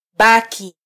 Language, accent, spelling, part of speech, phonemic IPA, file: Swahili, Kenya, baki, noun / adjective / verb, /ˈɓɑ.ki/, Sw-ke-baki.flac
- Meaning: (noun) 1. remainder, balance, residue 2. neutrality; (adjective) neutral, impartial; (verb) to remain, to stay, to be left over